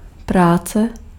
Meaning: work
- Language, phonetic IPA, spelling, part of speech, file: Czech, [ˈpraːt͡sɛ], práce, noun, Cs-práce.ogg